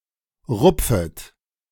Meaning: second-person plural subjunctive I of rupfen
- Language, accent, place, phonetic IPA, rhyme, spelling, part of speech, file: German, Germany, Berlin, [ˈʁʊp͡fət], -ʊp͡fət, rupfet, verb, De-rupfet.ogg